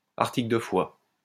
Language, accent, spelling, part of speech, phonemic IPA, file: French, France, article de foi, noun, /aʁ.ti.klə də fwa/, LL-Q150 (fra)-article de foi.wav
- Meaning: 1. article of faith 2. dogma